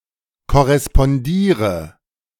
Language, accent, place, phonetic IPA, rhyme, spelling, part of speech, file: German, Germany, Berlin, [kɔʁɛspɔnˈdiːʁə], -iːʁə, korrespondiere, verb, De-korrespondiere.ogg
- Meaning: inflection of korrespondieren: 1. first-person singular present 2. singular imperative 3. first/third-person singular subjunctive I